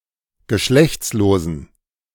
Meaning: inflection of geschlechtslos: 1. strong genitive masculine/neuter singular 2. weak/mixed genitive/dative all-gender singular 3. strong/weak/mixed accusative masculine singular 4. strong dative plural
- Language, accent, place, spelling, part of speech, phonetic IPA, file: German, Germany, Berlin, geschlechtslosen, adjective, [ɡəˈʃlɛçt͡sloːzn̩], De-geschlechtslosen.ogg